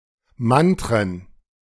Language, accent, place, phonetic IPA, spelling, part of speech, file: German, Germany, Berlin, [ˈmantʁən], Mantren, noun, De-Mantren.ogg
- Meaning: plural of Mantra